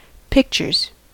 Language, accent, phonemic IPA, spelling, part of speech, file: English, US, /ˈpɪk.(t)ʃɚz/, pictures, noun / verb, En-us-pictures.ogg
- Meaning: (noun) 1. plural of picture 2. cinema, movie theatre; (verb) third-person singular simple present indicative of picture